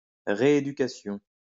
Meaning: 1. re-education 2. rehabilitation
- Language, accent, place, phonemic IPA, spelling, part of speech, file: French, France, Lyon, /ʁe.e.dy.ka.sjɔ̃/, rééducation, noun, LL-Q150 (fra)-rééducation.wav